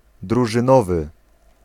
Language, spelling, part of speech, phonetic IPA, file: Polish, drużynowy, adjective / noun, [ˌdruʒɨ̃ˈnɔvɨ], Pl-drużynowy.ogg